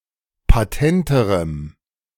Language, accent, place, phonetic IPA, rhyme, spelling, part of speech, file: German, Germany, Berlin, [paˈtɛntəʁəm], -ɛntəʁəm, patenterem, adjective, De-patenterem.ogg
- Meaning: strong dative masculine/neuter singular comparative degree of patent